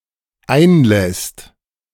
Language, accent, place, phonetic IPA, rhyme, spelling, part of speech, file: German, Germany, Berlin, [ˈaɪ̯nˌlɛst], -aɪ̯nlɛst, einlässt, verb, De-einlässt.ogg
- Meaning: second/third-person singular dependent present of einlassen